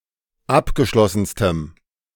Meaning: strong dative masculine/neuter singular superlative degree of abgeschlossen
- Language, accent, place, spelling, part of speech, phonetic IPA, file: German, Germany, Berlin, abgeschlossenstem, adjective, [ˈapɡəˌʃlɔsn̩stəm], De-abgeschlossenstem.ogg